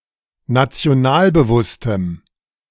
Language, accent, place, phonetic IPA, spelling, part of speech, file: German, Germany, Berlin, [nat͡si̯oˈnaːlbəˌvʊstəm], nationalbewusstem, adjective, De-nationalbewusstem.ogg
- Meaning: strong dative masculine/neuter singular of nationalbewusst